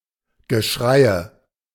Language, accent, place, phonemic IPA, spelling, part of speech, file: German, Germany, Berlin, /ɡəˈʃʁaɪ̯ə/, Geschreie, noun, De-Geschreie.ogg
- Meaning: yelling, hue, clamor